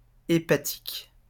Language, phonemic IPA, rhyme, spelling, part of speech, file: French, /e.pa.tik/, -ik, hépatique, adjective / noun, LL-Q150 (fra)-hépatique.wav
- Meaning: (adjective) hepatic; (noun) 1. a hepatic person 2. liverwort (bryophyte) 3. (Hepatica) liverwort